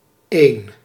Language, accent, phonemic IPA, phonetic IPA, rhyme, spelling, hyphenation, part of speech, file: Dutch, Netherlands, /eːn/, [eɪ̯n], -eːn, één, één, numeral / noun, Nl-één.ogg
- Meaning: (numeral) alternative form of een (“one”)